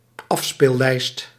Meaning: playlist
- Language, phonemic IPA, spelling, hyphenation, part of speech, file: Dutch, /ˈɑf.speːlˌlɛi̯st/, afspeellijst, af‧speel‧lijst, noun, Nl-afspeellijst.ogg